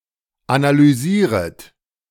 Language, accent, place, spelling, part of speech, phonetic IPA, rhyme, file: German, Germany, Berlin, analysieret, verb, [analyˈziːʁət], -iːʁət, De-analysieret.ogg
- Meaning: second-person plural subjunctive I of analysieren